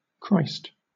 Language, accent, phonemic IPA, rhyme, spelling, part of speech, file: English, Southern England, /kɹaɪst/, -aɪst, Christ, proper noun / noun / interjection, LL-Q1860 (eng)-Christ.wav
- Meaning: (proper noun) 1. The anointed one, the savior predicted by the Old Testament 2. A title given to Jesus of Nazareth, seen as the fulfiller of the messianic prophecy 3. A surname